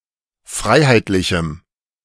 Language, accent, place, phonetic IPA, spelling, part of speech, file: German, Germany, Berlin, [ˈfʁaɪ̯haɪ̯tlɪçm̩], freiheitlichem, adjective, De-freiheitlichem.ogg
- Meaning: strong dative masculine/neuter singular of freiheitlich